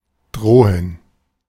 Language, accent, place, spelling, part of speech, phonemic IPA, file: German, Germany, Berlin, drohen, verb, /ˈdʁoːən/, De-drohen.ogg
- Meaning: 1. to threaten 2. to loom, to be able to happen in the future [with dative ‘to someone’] (of negative events or consequences, often expressed in English as "there is a risk of...")